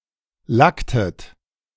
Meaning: inflection of lacken: 1. second-person plural preterite 2. second-person plural subjunctive II
- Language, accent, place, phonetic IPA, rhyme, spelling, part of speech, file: German, Germany, Berlin, [ˈlaktət], -aktət, lacktet, verb, De-lacktet.ogg